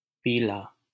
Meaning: 1. yellow (color/colour) 2. pale
- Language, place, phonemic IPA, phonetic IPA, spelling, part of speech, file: Hindi, Delhi, /piː.lɑː/, [piː.läː], पीला, adjective, LL-Q1568 (hin)-पीला.wav